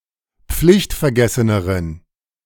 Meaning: inflection of pflichtvergessen: 1. strong genitive masculine/neuter singular comparative degree 2. weak/mixed genitive/dative all-gender singular comparative degree
- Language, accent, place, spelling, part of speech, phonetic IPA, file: German, Germany, Berlin, pflichtvergesseneren, adjective, [ˈp͡flɪçtfɛɐ̯ˌɡɛsənəʁən], De-pflichtvergesseneren.ogg